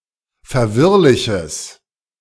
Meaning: strong/mixed nominative/accusative neuter singular of verwirrlich
- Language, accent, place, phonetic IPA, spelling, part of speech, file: German, Germany, Berlin, [fɛɐ̯ˈvɪʁlɪçəs], verwirrliches, adjective, De-verwirrliches.ogg